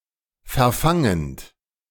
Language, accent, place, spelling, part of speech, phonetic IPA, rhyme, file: German, Germany, Berlin, verfangend, verb, [fɛɐ̯ˈfaŋənt], -aŋənt, De-verfangend.ogg
- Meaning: present participle of verfangen